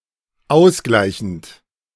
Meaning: present participle of ausgleichen
- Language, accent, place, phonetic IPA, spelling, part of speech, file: German, Germany, Berlin, [ˈaʊ̯sˌɡlaɪ̯çn̩t], ausgleichend, verb, De-ausgleichend.ogg